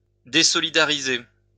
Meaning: 1. to dissociate, to break up (a group) 2. to dissociate oneself
- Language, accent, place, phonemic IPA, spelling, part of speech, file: French, France, Lyon, /de.sɔ.li.da.ʁi.ze/, désolidariser, verb, LL-Q150 (fra)-désolidariser.wav